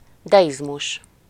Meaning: deism
- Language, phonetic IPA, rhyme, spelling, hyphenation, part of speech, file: Hungarian, [ˈdɛjizmuʃ], -uʃ, deizmus, de‧iz‧mus, noun, Hu-deizmus.ogg